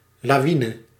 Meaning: avalanche, landslide
- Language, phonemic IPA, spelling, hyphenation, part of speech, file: Dutch, /ˌlaːˈʋi.nə/, lawine, la‧wi‧ne, noun, Nl-lawine.ogg